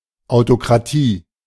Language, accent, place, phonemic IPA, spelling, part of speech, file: German, Germany, Berlin, /aʊ̯tokʁaˈtiː/, Autokratie, noun, De-Autokratie.ogg
- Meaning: autocracy